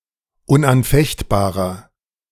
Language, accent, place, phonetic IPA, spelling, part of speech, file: German, Germany, Berlin, [ʊnʔanˈfɛçtˌbaːʁɐ], unanfechtbarer, adjective, De-unanfechtbarer.ogg
- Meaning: inflection of unanfechtbar: 1. strong/mixed nominative masculine singular 2. strong genitive/dative feminine singular 3. strong genitive plural